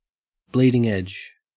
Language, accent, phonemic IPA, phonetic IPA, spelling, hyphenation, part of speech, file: English, Australia, /ˈbliː.dɪŋ ed͡ʒ/, [ˈblɪi.dɪŋ ed͡ʒ], bleeding edge, bleed‧ing edge, noun, En-au-bleeding edge.ogg
- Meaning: The situation produced when the image extends beyond the nominal margin